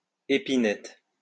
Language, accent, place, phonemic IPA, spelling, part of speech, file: French, France, Lyon, /e.pi.nɛt/, épinette, noun, LL-Q150 (fra)-épinette.wav
- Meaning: 1. spinet 2. spruce 3. cage in which birds are kept to be fattened for meat